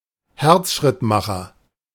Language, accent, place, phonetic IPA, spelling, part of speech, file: German, Germany, Berlin, [ˈhɛʁt͡sʃʁɪtmaxɐ], Herzschrittmacher, noun, De-Herzschrittmacher.ogg
- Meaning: pacemaker (medical device implanted to regulate heart rhythm); colloquial usage includes implantable cardioverter-defibrillators (ICD) and cardiac resynchronization therapy (CRT)